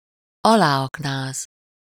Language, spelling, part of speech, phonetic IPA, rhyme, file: Hungarian, aláaknáz, verb, [ˈɒlaːɒknaːz], -aːz, Hu-aláaknáz.ogg
- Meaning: to undermine